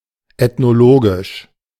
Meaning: ethnologic, ethnological
- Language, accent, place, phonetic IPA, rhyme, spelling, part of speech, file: German, Germany, Berlin, [ɛtnoˈloːɡɪʃ], -oːɡɪʃ, ethnologisch, adjective, De-ethnologisch.ogg